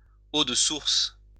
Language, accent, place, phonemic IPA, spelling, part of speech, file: French, France, Lyon, /o d(ə) suʁs/, eau de source, noun, LL-Q150 (fra)-eau de source.wav
- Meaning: springwater (water originating from a spring)